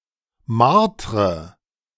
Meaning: inflection of martern: 1. first-person singular present 2. first/third-person singular subjunctive I 3. singular imperative
- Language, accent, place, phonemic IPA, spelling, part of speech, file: German, Germany, Berlin, /ˈmartrə/, martre, verb, De-martre.ogg